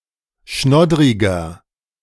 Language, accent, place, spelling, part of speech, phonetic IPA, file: German, Germany, Berlin, schnoddriger, adjective, [ˈʃnɔdʁɪɡɐ], De-schnoddriger.ogg
- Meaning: inflection of schnoddrig: 1. strong/mixed nominative masculine singular 2. strong genitive/dative feminine singular 3. strong genitive plural